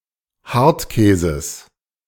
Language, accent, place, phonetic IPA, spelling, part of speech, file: German, Germany, Berlin, [ˈhaʁtˌkɛːzəs], Hartkäses, noun, De-Hartkäses.ogg
- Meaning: genitive singular of Hartkäse